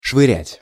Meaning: 1. to toss, to hurl, to throw, to chuck 2. to put things in disorder, to not where they belong (e.g. clothing) 3. to fling (money)
- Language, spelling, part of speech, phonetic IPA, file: Russian, швырять, verb, [ʂvɨˈrʲætʲ], Ru-швырять.ogg